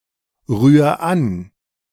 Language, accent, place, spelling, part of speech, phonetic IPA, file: German, Germany, Berlin, rühr an, verb, [ˌʁyːɐ̯ ˈan], De-rühr an.ogg
- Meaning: 1. singular imperative of anrühren 2. first-person singular present of anrühren